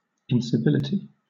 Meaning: 1. The state of being uncivil; lack of courtesy; rudeness in manner 2. Any act of rudeness or ill-breeding 3. Lack of civilization; a state of rudeness or barbarism
- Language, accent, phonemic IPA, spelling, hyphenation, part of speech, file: English, Southern England, /ɪnsɪˈvɪlɪti/, incivility, in‧ci‧vil‧i‧ty, noun, LL-Q1860 (eng)-incivility.wav